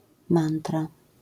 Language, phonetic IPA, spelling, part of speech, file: Polish, [ˈmãntra], mantra, noun, LL-Q809 (pol)-mantra.wav